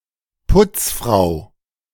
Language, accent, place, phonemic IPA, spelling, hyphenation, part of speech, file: German, Germany, Berlin, /ˈpʊt͡sˌfʁaʊ̯/, Putzfrau, Putz‧frau, noun, De-Putzfrau.ogg
- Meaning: charwoman, female cleaner